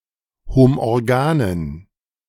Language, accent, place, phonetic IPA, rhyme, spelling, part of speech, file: German, Germany, Berlin, [homʔɔʁˈɡaːnən], -aːnən, homorganen, adjective, De-homorganen.ogg
- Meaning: inflection of homorgan: 1. strong genitive masculine/neuter singular 2. weak/mixed genitive/dative all-gender singular 3. strong/weak/mixed accusative masculine singular 4. strong dative plural